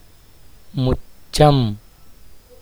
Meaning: cheek
- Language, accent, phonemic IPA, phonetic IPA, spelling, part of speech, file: Tamil, India, /mʊtʃtʃɐm/, [mʊssɐm], முச்சம், noun, Ta-முச்சம்.ogg